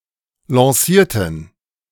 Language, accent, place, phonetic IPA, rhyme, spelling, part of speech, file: German, Germany, Berlin, [lɑ̃ˈsiːɐ̯tn̩], -iːɐ̯tn̩, lancierten, adjective / verb, De-lancierten.ogg
- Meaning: inflection of lancieren: 1. first/third-person plural preterite 2. first/third-person plural subjunctive II